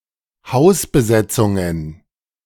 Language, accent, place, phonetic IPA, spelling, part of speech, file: German, Germany, Berlin, [ˈhaʊ̯sbəˌzɛt͡sʊŋən], Hausbesetzungen, noun, De-Hausbesetzungen.ogg
- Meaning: plural of Hausbesetzung